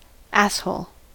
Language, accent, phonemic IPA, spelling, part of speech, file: English, US, /æshoʊl/, asshole, noun, En-us-asshole.ogg
- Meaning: 1. The anus 2. A jerk; an inappropriately or objectionably mean, inconsiderate, contemptible, immoral, obnoxious, intrusive, stupid, or rude person